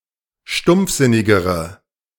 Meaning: inflection of stumpfsinnig: 1. strong/mixed nominative/accusative feminine singular comparative degree 2. strong nominative/accusative plural comparative degree
- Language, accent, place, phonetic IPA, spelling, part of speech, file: German, Germany, Berlin, [ˈʃtʊmp͡fˌzɪnɪɡəʁə], stumpfsinnigere, adjective, De-stumpfsinnigere.ogg